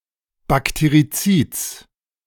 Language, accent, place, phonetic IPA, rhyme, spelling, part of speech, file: German, Germany, Berlin, [bakteʁiˈt͡siːt͡s], -iːt͡s, Bakterizids, noun, De-Bakterizids.ogg
- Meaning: genitive singular of Bakterizid